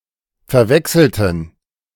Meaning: inflection of verwechseln: 1. first/third-person plural preterite 2. first/third-person plural subjunctive II
- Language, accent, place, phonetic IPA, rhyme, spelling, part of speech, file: German, Germany, Berlin, [fɛɐ̯ˈvɛksl̩tn̩], -ɛksl̩tn̩, verwechselten, adjective / verb, De-verwechselten.ogg